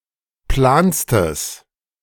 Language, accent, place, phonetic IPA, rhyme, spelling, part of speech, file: German, Germany, Berlin, [ˈplaːnstəs], -aːnstəs, planstes, adjective, De-planstes.ogg
- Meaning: strong/mixed nominative/accusative neuter singular superlative degree of plan